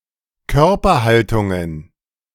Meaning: plural of Körperhaltung
- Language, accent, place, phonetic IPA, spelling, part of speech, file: German, Germany, Berlin, [ˈkœʁpɐˌhaltʊŋən], Körperhaltungen, noun, De-Körperhaltungen.ogg